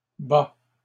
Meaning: inflection of battre: 1. first/second-person singular indicative present 2. second-person singular imperative
- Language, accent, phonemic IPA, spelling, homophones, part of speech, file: French, Canada, /ba/, bats, bas / bât, verb, LL-Q150 (fra)-bats.wav